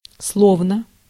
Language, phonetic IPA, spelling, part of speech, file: Russian, [ˈsɫovnə], словно, adverb / conjunction, Ru-словно.ogg
- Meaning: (adverb) as if, like (for expressing conditional, imaginary, or apparent things or actions); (conjunction) as if, like